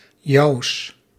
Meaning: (determiner) genitive masculine/neuter of jouw; of your; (pronoun) genitive of jij; of you
- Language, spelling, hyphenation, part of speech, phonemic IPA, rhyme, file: Dutch, jouws, jouws, determiner / pronoun, /jɑu̯s/, -ɑu̯s, Nl-jouws.ogg